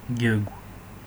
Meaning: alternative form of джэгу (džɛgʷu)
- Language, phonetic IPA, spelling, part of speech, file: Adyghe, [ɡʲaɡʷ], гьэгу, noun, Ɡʲaɡʷ.oga